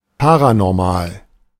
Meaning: paranormal
- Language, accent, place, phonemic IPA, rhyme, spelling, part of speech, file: German, Germany, Berlin, /ˌpaʁanɔʁˈmaːl/, -aːl, paranormal, adjective, De-paranormal.ogg